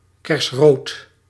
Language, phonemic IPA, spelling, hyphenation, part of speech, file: Dutch, /ˈkɛrsrot/, kersrood, kers‧rood, adjective, Nl-kersrood.ogg
- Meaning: cherry red